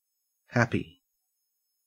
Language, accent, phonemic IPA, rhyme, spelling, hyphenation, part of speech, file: English, Australia, /ˈhæpi/, -æpi, happy, hap‧py, adjective / noun / verb, En-au-happy.ogg
- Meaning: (adjective) Having a feeling arising from a consciousness of well-being or of enjoyment; enjoying good of any kind, such as comfort, peace, or tranquillity; blissful, contented, joyous